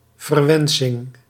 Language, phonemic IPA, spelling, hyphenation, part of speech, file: Dutch, /vərˈʋɛn.sɪŋ/, verwensing, ver‧wen‧sing, noun, Nl-verwensing.ogg
- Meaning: imprecation, curse, swearword